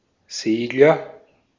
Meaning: 1. one who sails, steers sailing boats; a sailor (for sport or recreation) 2. short for a craft that sails or glides, especially a sailing boat, but also a paraglider, sailplane, etc 3. swift (bird)
- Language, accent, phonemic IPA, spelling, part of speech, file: German, Austria, /ˈzeːɡlɐ/, Segler, noun, De-at-Segler.ogg